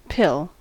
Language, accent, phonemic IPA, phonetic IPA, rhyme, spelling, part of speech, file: English, US, /pɪl/, [pʰɪɫ], -ɪl, pill, noun / verb, En-us-pill.ogg
- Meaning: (noun) A small, usually round or cylindrical object designed for easy swallowing, usually containing some sort of medication